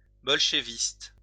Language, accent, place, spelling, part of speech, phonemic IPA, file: French, France, Lyon, bolchéviste, adjective, /bɔl.ʃe.vist/, LL-Q150 (fra)-bolchéviste.wav
- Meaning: Bolshevist